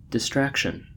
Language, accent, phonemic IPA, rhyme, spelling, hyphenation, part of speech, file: English, General American, /dɪsˈtɹæk.ʃən/, -ækʃən, distraction, dis‧tract‧ion, noun, En-us-distraction.ogg
- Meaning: 1. Something that distracts 2. The process of being distracted 3. Perturbation; disorder; disturbance; confusion 4. Mental disarray; a deranged state of mind; insanity